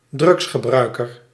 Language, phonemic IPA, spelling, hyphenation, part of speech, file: Dutch, /ˈdrʏɡs.xəˌbrœy̯.kər/, drugsgebruiker, drugs‧ge‧brui‧ker, noun, Nl-drugsgebruiker.ogg
- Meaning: drug user